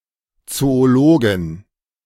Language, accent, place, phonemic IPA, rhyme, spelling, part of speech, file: German, Germany, Berlin, /ˌtsoːoˈloːɡɪn/, -oːɡɪn, Zoologin, noun, De-Zoologin.ogg
- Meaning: female zoologist (a woman who studies zoology)